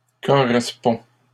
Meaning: third-person singular present indicative of correspondre
- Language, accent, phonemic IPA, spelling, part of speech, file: French, Canada, /kɔ.ʁɛs.pɔ̃/, correspond, verb, LL-Q150 (fra)-correspond.wav